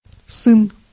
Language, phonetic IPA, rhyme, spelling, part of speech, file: Russian, [sɨn], -ɨn, сын, noun, Ru-сын.ogg
- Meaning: 1. son 2. child 3. sons